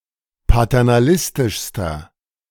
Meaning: inflection of paternalistisch: 1. strong/mixed nominative masculine singular superlative degree 2. strong genitive/dative feminine singular superlative degree
- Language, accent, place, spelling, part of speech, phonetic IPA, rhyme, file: German, Germany, Berlin, paternalistischster, adjective, [patɛʁnaˈlɪstɪʃstɐ], -ɪstɪʃstɐ, De-paternalistischster.ogg